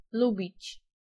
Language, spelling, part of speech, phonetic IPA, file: Polish, lubić, verb, [ˈlubʲit͡ɕ], Pl-lubić.ogg